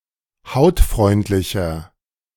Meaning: 1. comparative degree of hautfreundlich 2. inflection of hautfreundlich: strong/mixed nominative masculine singular 3. inflection of hautfreundlich: strong genitive/dative feminine singular
- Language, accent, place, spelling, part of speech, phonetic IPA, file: German, Germany, Berlin, hautfreundlicher, adjective, [ˈhaʊ̯tˌfʁɔɪ̯ntlɪçɐ], De-hautfreundlicher.ogg